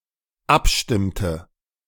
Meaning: inflection of abstimmen: 1. first/third-person singular dependent preterite 2. first/third-person singular dependent subjunctive II
- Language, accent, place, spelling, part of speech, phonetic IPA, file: German, Germany, Berlin, abstimmte, verb, [ˈapˌʃtɪmtə], De-abstimmte.ogg